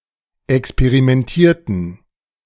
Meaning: inflection of experimentieren: 1. first/third-person plural preterite 2. first/third-person plural subjunctive II
- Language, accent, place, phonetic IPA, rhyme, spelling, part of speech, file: German, Germany, Berlin, [ɛkspeʁimɛnˈtiːɐ̯tn̩], -iːɐ̯tn̩, experimentierten, verb, De-experimentierten.ogg